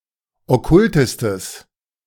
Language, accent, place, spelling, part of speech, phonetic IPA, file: German, Germany, Berlin, okkultestes, adjective, [ɔˈkʊltəstəs], De-okkultestes.ogg
- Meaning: strong/mixed nominative/accusative neuter singular superlative degree of okkult